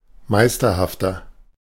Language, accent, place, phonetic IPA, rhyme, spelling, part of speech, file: German, Germany, Berlin, [ˈmaɪ̯stɐhaftɐ], -aɪ̯stɐhaftɐ, meisterhafter, adjective, De-meisterhafter.ogg
- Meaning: 1. comparative degree of meisterhaft 2. inflection of meisterhaft: strong/mixed nominative masculine singular 3. inflection of meisterhaft: strong genitive/dative feminine singular